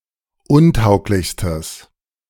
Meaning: strong/mixed nominative/accusative neuter singular superlative degree of untauglich
- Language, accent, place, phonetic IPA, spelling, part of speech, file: German, Germany, Berlin, [ˈʊnˌtaʊ̯klɪçstəs], untauglichstes, adjective, De-untauglichstes.ogg